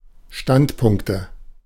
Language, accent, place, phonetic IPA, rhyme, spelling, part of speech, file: German, Germany, Berlin, [ˈʃtantˌpʊŋktə], -antpʊŋktə, Standpunkte, noun, De-Standpunkte.ogg
- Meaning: nominative/accusative/genitive plural of Standpunkt